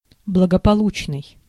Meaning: successful; happy, safe
- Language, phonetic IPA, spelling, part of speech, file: Russian, [bɫəɡəpɐˈɫut͡ɕnɨj], благополучный, adjective, Ru-благополучный.ogg